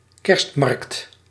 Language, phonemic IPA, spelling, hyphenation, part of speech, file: Dutch, /ˈkɛrst.mɑrkt/, kerstmarkt, kerst‧markt, noun, Nl-kerstmarkt.ogg
- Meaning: Christmas market, Christkindl